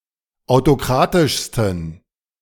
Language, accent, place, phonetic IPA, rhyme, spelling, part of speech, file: German, Germany, Berlin, [aʊ̯toˈkʁaːtɪʃstn̩], -aːtɪʃstn̩, autokratischsten, adjective, De-autokratischsten.ogg
- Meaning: 1. superlative degree of autokratisch 2. inflection of autokratisch: strong genitive masculine/neuter singular superlative degree